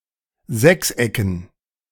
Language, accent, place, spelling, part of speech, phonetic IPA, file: German, Germany, Berlin, Sechsecken, noun, [ˈzɛksˌʔɛkn̩], De-Sechsecken.ogg
- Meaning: dative plural of Sechseck